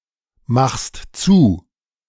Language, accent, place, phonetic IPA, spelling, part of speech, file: German, Germany, Berlin, [ˌmaxst ˈt͡suː], machst zu, verb, De-machst zu.ogg
- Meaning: second-person singular present of zumachen